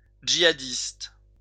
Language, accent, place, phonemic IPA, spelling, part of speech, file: French, France, Lyon, /dʒi.a.dist/, djihadiste, noun, LL-Q150 (fra)-djihadiste.wav
- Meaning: alternative form of jihadiste